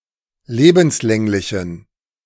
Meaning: inflection of lebenslänglich: 1. strong genitive masculine/neuter singular 2. weak/mixed genitive/dative all-gender singular 3. strong/weak/mixed accusative masculine singular 4. strong dative plural
- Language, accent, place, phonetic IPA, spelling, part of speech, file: German, Germany, Berlin, [ˈleːbm̩sˌlɛŋlɪçn̩], lebenslänglichen, adjective, De-lebenslänglichen.ogg